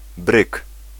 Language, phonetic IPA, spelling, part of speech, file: Polish, [brɨk], bryg, noun, Pl-bryg.ogg